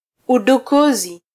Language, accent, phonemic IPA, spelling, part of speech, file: Swahili, Kenya, /u.ɗuˈku.zi/, udukuzi, noun, Sw-ke-udukuzi.flac
- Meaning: hacking (act of gaining unauthorized access to computers or playfully solving technical work)